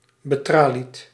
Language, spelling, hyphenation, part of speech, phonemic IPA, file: Dutch, betralied, be‧tra‧lied, adjective, /bəˈtraː.lit/, Nl-betralied.ogg
- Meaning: covered with bars, as in a cage or in front of a prison window